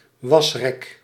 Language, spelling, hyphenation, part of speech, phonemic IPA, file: Dutch, wasrek, was‧rek, noun, /ˈʋɑs.rɛk/, Nl-wasrek.ogg
- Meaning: a drying rack (rack for dryiing laundry)